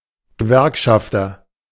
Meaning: unionist, trade unionist
- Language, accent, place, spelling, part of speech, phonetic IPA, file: German, Germany, Berlin, Gewerkschafter, noun, [ɡəˈvɛʁkʃaftɐ], De-Gewerkschafter.ogg